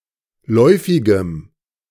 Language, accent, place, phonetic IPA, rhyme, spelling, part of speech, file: German, Germany, Berlin, [ˈlɔɪ̯fɪɡəm], -ɔɪ̯fɪɡəm, läufigem, adjective, De-läufigem.ogg
- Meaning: strong dative masculine/neuter singular of läufig